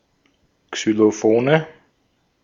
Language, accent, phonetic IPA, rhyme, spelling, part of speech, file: German, Austria, [ksyloˈfoːnə], -oːnə, Xylophone, noun, De-at-Xylophone.ogg
- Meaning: nominative/accusative/genitive plural of Xylophon